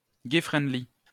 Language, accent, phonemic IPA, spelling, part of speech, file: French, France, /ɡɛ fʁɛnd.li/, gay-friendly, adjective, LL-Q150 (fra)-gay-friendly.wav
- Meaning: gay-friendly